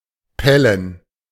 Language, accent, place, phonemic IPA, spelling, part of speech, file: German, Germany, Berlin, /ˈpɛlən/, pellen, verb, De-pellen.ogg
- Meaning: 1. to peel (chiefly when the peel can be pulled off in strips or pieces, as with cooked potatoes, but not with raw ones) 2. to peel, to peel off (of skin, etc.)